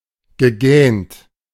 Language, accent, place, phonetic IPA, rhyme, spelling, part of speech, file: German, Germany, Berlin, [ɡəˈɡɛːnt], -ɛːnt, gegähnt, verb, De-gegähnt.ogg
- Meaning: past participle of gähnen